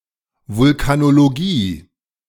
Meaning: vulcanology
- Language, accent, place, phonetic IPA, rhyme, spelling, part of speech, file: German, Germany, Berlin, [ˌvʊlkanoloˈɡiː], -iː, Vulkanologie, noun, De-Vulkanologie.ogg